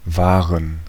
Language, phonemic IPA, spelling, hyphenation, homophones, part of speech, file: German, /vaːrən/, Waren, Wa‧ren, wahren, noun, De-Waren.ogg
- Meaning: plural of Ware